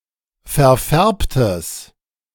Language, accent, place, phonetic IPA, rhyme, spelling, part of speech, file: German, Germany, Berlin, [fɛɐ̯ˈfɛʁptəs], -ɛʁptəs, verfärbtes, adjective, De-verfärbtes.ogg
- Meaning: strong/mixed nominative/accusative neuter singular of verfärbt